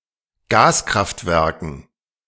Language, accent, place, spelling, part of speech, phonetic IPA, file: German, Germany, Berlin, Gaskraftwerken, noun, [ˈɡaːskʁaftˌvɛʁkn̩], De-Gaskraftwerken.ogg
- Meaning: dative plural of Gaskraftwerk